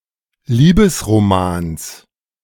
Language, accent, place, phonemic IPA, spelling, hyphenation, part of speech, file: German, Germany, Berlin, /ˈliːbəsʁoˌmaːns/, Liebesromans, Lie‧bes‧ro‧mans, noun, De-Liebesromans.ogg
- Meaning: genitive of Liebesroman